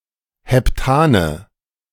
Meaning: nominative/accusative/genitive plural of Heptan
- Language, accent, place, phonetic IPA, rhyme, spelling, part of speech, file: German, Germany, Berlin, [hɛpˈtaːnə], -aːnə, Heptane, noun, De-Heptane.ogg